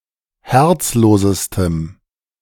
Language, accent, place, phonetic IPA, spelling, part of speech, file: German, Germany, Berlin, [ˈhɛʁt͡sˌloːzəstəm], herzlosestem, adjective, De-herzlosestem.ogg
- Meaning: strong dative masculine/neuter singular superlative degree of herzlos